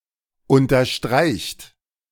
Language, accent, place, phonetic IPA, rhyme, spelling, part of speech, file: German, Germany, Berlin, [ˌʊntɐˈʃtʁaɪ̯çt], -aɪ̯çt, unterstreicht, verb, De-unterstreicht.ogg
- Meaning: inflection of unterstreichen: 1. third-person singular present 2. second-person plural present 3. plural imperative